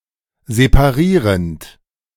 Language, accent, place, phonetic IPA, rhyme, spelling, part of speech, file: German, Germany, Berlin, [zepaˈʁiːʁənt], -iːʁənt, separierend, verb, De-separierend.ogg
- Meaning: present participle of separieren